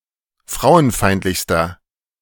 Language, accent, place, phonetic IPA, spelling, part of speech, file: German, Germany, Berlin, [ˈfʁaʊ̯ənˌfaɪ̯ntlɪçstɐ], frauenfeindlichster, adjective, De-frauenfeindlichster.ogg
- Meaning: inflection of frauenfeindlich: 1. strong/mixed nominative masculine singular superlative degree 2. strong genitive/dative feminine singular superlative degree